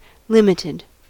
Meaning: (verb) simple past and past participle of limit; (adjective) 1. With certain (often specified) limits placed upon it 2. Restricted, small, few, not plentiful
- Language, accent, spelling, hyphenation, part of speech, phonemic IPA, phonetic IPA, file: English, US, limited, lim‧it‧ed, verb / adjective / noun, /ˈlɪm.ɪ.tɪd/, [ˈlɪm.ɪ.ɾɪd], En-us-limited.ogg